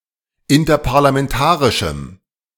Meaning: strong dative masculine/neuter singular of interparlamentarisch
- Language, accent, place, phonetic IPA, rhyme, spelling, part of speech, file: German, Germany, Berlin, [ɪntɐpaʁlamɛnˈtaːʁɪʃm̩], -aːʁɪʃm̩, interparlamentarischem, adjective, De-interparlamentarischem.ogg